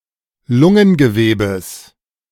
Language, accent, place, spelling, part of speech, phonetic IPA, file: German, Germany, Berlin, Lungengewebes, noun, [ˈlʊŋənɡəˌveːbəs], De-Lungengewebes.ogg
- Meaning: genitive singular of Lungengewebe